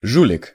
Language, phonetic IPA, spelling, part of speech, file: Russian, [ˈʐulʲɪk], жулик, noun, Ru-жулик.ogg
- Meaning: 1. petty thief, pilferer, filcher, swindler 2. cheat, cardsharp